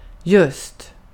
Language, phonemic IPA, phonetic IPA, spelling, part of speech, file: Swedish, /jɵst/, [ʝɵsˑt], just, adverb, Sv-just.ogg
- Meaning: 1. just (quite recently, only moments ago) 2. exactly, precisely